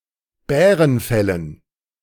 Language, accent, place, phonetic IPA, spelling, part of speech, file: German, Germany, Berlin, [ˈbɛːʁənˌfɛlən], Bärenfellen, noun, De-Bärenfellen.ogg
- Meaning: dative plural of Bärenfell